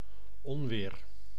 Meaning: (noun) thunderstorm; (verb) inflection of onweren: 1. first-person singular present indicative 2. second-person singular present indicative 3. imperative
- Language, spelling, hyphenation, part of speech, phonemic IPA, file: Dutch, onweer, on‧weer, noun / verb, /ˈɔn.ʋeːr/, Nl-onweer.ogg